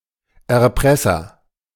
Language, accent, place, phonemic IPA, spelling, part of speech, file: German, Germany, Berlin, /ɛɐ̯ˈpʁɛsɐ/, Erpresser, noun, De-Erpresser.ogg
- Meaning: 1. blackmailer 2. extortionist, extortioner